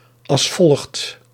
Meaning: as follows
- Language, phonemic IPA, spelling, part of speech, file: Dutch, /ɑls ˈfɔlxt/, als volgt, phrase, Nl-als volgt.ogg